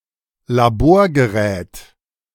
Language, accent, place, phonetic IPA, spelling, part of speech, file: German, Germany, Berlin, [laˈboːɐ̯ɡəˌʁɛːt], Laborgerät, noun, De-Laborgerät.ogg
- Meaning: laboratory apparatus / equipment